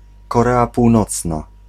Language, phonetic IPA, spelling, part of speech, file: Polish, [kɔˈrɛa puwˈnɔt͡sna], Korea Północna, proper noun, Pl-Korea Północna.ogg